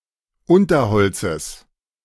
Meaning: genitive singular of Unterholz
- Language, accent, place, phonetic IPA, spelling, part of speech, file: German, Germany, Berlin, [ˈʊntɐˌhɔlt͡səs], Unterholzes, noun, De-Unterholzes.ogg